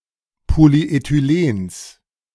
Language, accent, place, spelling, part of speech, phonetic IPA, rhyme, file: German, Germany, Berlin, Polyethylens, noun, [ˌpoliʔetyˈleːns], -eːns, De-Polyethylens.ogg
- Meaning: genitive singular of Polyethylen